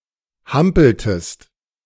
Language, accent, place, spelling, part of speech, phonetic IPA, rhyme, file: German, Germany, Berlin, hampeltest, verb, [ˈhampl̩təst], -ampl̩təst, De-hampeltest.ogg
- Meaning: inflection of hampeln: 1. second-person singular preterite 2. second-person singular subjunctive II